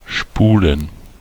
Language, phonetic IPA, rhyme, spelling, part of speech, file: German, [ˈʃpuːlən], -uːlən, Spulen, noun, De-Spulen.ogg
- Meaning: plural of Spule